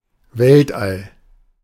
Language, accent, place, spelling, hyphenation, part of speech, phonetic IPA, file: German, Germany, Berlin, Weltall, Welt‧all, noun, [ˈvɛltʔal], De-Weltall.ogg
- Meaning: 1. cosmos 2. outer space; region beyond Earth’s atmosphere